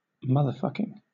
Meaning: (adjective) An intensifier, used in the same contexts as fucking, but more intense; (adverb) To an extreme degree
- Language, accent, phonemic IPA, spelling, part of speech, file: English, Southern England, /ˈmʌðə(ɹ)ˌfʌkɪŋ/, motherfucking, adjective / adverb, LL-Q1860 (eng)-motherfucking.wav